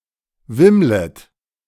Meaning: second-person plural subjunctive I of wimmeln
- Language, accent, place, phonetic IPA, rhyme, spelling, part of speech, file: German, Germany, Berlin, [ˈvɪmlət], -ɪmlət, wimmlet, verb, De-wimmlet.ogg